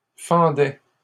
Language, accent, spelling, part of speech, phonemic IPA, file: French, Canada, fendais, verb, /fɑ̃.dɛ/, LL-Q150 (fra)-fendais.wav
- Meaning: first/second-person singular imperfect indicative of fendre